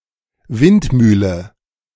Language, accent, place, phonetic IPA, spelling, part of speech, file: German, Germany, Berlin, [ˈvɪnt.ˌmyːlə], Windmühle, noun, De-Windmühle.ogg
- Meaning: windmill